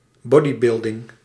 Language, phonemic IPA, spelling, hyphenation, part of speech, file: Dutch, /ˈbɔ.diˌbɪl.dɪŋ/, bodybuilding, bo‧dy‧buil‧ding, noun, Nl-bodybuilding.ogg
- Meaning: bodybuilding